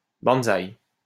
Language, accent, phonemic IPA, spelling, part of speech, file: French, France, /ban.zaj/, banzaï, interjection, LL-Q150 (fra)-banzaï.wav
- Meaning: banzai (a Japanese interjection of victory)